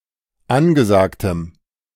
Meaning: strong dative masculine/neuter singular of angesagt
- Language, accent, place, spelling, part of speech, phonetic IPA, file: German, Germany, Berlin, angesagtem, adjective, [ˈanɡəˌzaːktəm], De-angesagtem.ogg